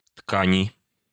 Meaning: 1. inflection of ткань (tkanʹ) 2. inflection of ткань (tkanʹ): genitive/dative/prepositional singular 3. inflection of ткань (tkanʹ): nominative/accusative plural
- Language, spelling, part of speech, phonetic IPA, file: Russian, ткани, noun, [ˈtkanʲɪ], Ru-ткани.ogg